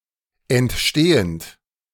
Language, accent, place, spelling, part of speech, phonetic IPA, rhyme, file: German, Germany, Berlin, entstehend, verb, [ɛntˈʃteːənt], -eːənt, De-entstehend.ogg
- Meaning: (verb) present participle of entstehen; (adjective) 1. originating, emerging, emerging 2. nascent